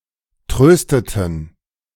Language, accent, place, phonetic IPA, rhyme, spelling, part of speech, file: German, Germany, Berlin, [ˈtʁøːstətn̩], -øːstətn̩, trösteten, verb, De-trösteten.ogg
- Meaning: inflection of trösten: 1. first/third-person plural preterite 2. first/third-person plural subjunctive II